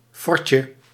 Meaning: diminutive of fort
- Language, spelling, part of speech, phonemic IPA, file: Dutch, fortje, noun, /ˈfɔrcə/, Nl-fortje.ogg